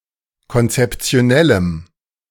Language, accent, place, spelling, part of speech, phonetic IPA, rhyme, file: German, Germany, Berlin, konzeptionellem, adjective, [kɔnt͡sɛpt͡si̯oˈnɛləm], -ɛləm, De-konzeptionellem.ogg
- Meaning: strong dative masculine/neuter singular of konzeptionell